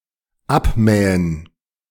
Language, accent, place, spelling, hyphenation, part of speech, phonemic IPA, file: German, Germany, Berlin, abmähen, ab‧mä‧hen, verb, /ˈapˌmɛːən/, De-abmähen.ogg
- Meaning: to mow